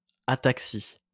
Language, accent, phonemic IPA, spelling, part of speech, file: French, France, /a.tak.si/, ataxie, noun, LL-Q150 (fra)-ataxie.wav
- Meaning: ataxia (pathological lack of movement coordination)